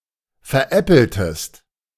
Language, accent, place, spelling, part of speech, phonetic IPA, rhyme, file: German, Germany, Berlin, veräppeltest, verb, [fɛɐ̯ˈʔɛpl̩təst], -ɛpl̩təst, De-veräppeltest.ogg
- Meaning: inflection of veräppeln: 1. second-person singular preterite 2. second-person singular subjunctive II